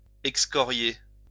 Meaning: to excoriate
- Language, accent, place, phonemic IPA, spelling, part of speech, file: French, France, Lyon, /ɛk.skɔ.ʁje/, excorier, verb, LL-Q150 (fra)-excorier.wav